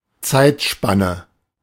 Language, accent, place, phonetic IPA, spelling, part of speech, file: German, Germany, Berlin, [ˈt͡saɪ̯tˌʃpanə], Zeitspanne, noun, De-Zeitspanne.ogg
- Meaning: interval, span (of time), a while